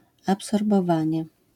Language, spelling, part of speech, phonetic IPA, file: Polish, absorbowanie, noun, [ˌapsɔrbɔˈvãɲɛ], LL-Q809 (pol)-absorbowanie.wav